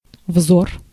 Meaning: 1. look, glance, gaze 2. eyes
- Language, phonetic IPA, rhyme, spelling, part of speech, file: Russian, [vzor], -or, взор, noun, Ru-взор.ogg